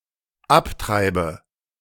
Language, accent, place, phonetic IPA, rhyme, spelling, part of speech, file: German, Germany, Berlin, [ˈapˌtʁaɪ̯bə], -aptʁaɪ̯bə, abtreibe, verb, De-abtreibe.ogg
- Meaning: inflection of abtreiben: 1. first-person singular dependent present 2. first/third-person singular dependent subjunctive I